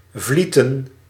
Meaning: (verb) to flow; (noun) plural of vliet
- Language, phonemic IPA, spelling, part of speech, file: Dutch, /ˈvli.tə(n)/, vlieten, verb / noun, Nl-vlieten.ogg